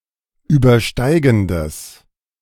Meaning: strong/mixed nominative/accusative neuter singular of übersteigend
- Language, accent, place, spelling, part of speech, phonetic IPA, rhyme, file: German, Germany, Berlin, übersteigendes, adjective, [ˌyːbɐˈʃtaɪ̯ɡn̩dəs], -aɪ̯ɡn̩dəs, De-übersteigendes.ogg